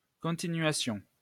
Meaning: continuation (act of continuing)
- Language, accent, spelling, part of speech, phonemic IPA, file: French, France, continuation, noun, /kɔ̃.ti.nɥa.sjɔ̃/, LL-Q150 (fra)-continuation.wav